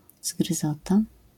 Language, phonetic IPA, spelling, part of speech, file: Polish, [zɡrɨˈzɔta], zgryzota, noun, LL-Q809 (pol)-zgryzota.wav